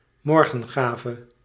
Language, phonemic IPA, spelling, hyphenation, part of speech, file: Dutch, /ˈmɔr.ɣə(n)ˌɣaː.və/, morgengave, mor‧gen‧ga‧ve, noun, Nl-morgengave.ogg
- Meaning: morning gift (the gift given by the bridegroom to the bride on the morning after the wedding night)